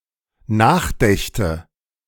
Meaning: first/third-person singular dependent subjunctive II of nachdenken
- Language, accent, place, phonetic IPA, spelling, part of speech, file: German, Germany, Berlin, [ˈnaːxˌdɛçtə], nachdächte, verb, De-nachdächte.ogg